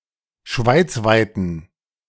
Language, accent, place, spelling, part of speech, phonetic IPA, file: German, Germany, Berlin, schweizweiten, adjective, [ˈʃvaɪ̯t͡svaɪ̯tn̩], De-schweizweiten.ogg
- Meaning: inflection of schweizweit: 1. strong genitive masculine/neuter singular 2. weak/mixed genitive/dative all-gender singular 3. strong/weak/mixed accusative masculine singular 4. strong dative plural